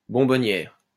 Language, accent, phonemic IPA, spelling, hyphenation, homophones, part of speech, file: French, France, /bɔ̃.bɔ.njɛʁ/, bonbonnière, bon‧bon‧nière, bonbonnières, noun, LL-Q150 (fra)-bonbonnière.wav
- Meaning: 1. candy box 2. small, exquisite house 3. female equivalent of bonbonnier